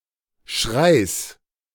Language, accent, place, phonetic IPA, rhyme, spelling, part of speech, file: German, Germany, Berlin, [ʃʁaɪ̯s], -aɪ̯s, Schreis, noun, De-Schreis.ogg
- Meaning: genitive singular of Schrei